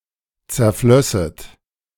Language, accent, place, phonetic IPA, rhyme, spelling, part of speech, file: German, Germany, Berlin, [t͡sɛɐ̯ˈflœsət], -œsət, zerflösset, verb, De-zerflösset.ogg
- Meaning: second-person plural subjunctive II of zerfließen